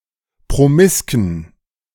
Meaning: inflection of promisk: 1. strong genitive masculine/neuter singular 2. weak/mixed genitive/dative all-gender singular 3. strong/weak/mixed accusative masculine singular 4. strong dative plural
- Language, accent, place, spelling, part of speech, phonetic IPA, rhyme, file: German, Germany, Berlin, promisken, adjective, [pʁoˈmɪskn̩], -ɪskn̩, De-promisken.ogg